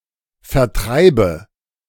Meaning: inflection of vertreiben: 1. first-person singular present 2. first/third-person singular subjunctive I 3. singular imperative
- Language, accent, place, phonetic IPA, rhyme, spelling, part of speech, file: German, Germany, Berlin, [fɛɐ̯ˈtʁaɪ̯bə], -aɪ̯bə, vertreibe, verb, De-vertreibe.ogg